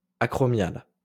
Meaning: acromial
- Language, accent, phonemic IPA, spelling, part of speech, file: French, France, /a.kʁɔ.mjal/, acromial, adjective, LL-Q150 (fra)-acromial.wav